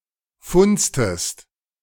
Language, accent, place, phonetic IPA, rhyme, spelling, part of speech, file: German, Germany, Berlin, [ˈfʊnt͡stəst], -ʊnt͡stəst, funztest, verb, De-funztest.ogg
- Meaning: inflection of funzen: 1. second-person singular preterite 2. second-person singular subjunctive II